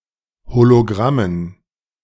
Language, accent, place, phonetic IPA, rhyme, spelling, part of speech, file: German, Germany, Berlin, [holoˈɡʁamən], -amən, Hologrammen, noun, De-Hologrammen.ogg
- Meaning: dative plural of Hologramm